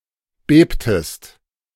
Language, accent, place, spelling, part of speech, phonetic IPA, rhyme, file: German, Germany, Berlin, bebtest, verb, [ˈbeːptəst], -eːptəst, De-bebtest.ogg
- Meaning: inflection of beben: 1. second-person singular preterite 2. second-person singular subjunctive II